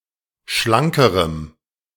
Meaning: strong dative masculine/neuter singular comparative degree of schlank
- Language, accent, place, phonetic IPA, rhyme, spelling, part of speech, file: German, Germany, Berlin, [ˈʃlaŋkəʁəm], -aŋkəʁəm, schlankerem, adjective, De-schlankerem.ogg